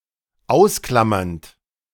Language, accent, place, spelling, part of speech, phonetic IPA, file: German, Germany, Berlin, ausklammernd, verb, [ˈaʊ̯sˌklamɐnt], De-ausklammernd.ogg
- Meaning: present participle of ausklammern